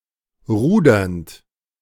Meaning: present participle of rudern
- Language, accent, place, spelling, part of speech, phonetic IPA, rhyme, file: German, Germany, Berlin, rudernd, verb, [ˈʁuːdɐnt], -uːdɐnt, De-rudernd.ogg